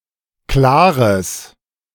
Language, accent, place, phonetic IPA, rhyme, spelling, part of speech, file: German, Germany, Berlin, [ˈklaːʁəs], -aːʁəs, klares, adjective, De-klares.ogg
- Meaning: strong/mixed nominative/accusative neuter singular of klar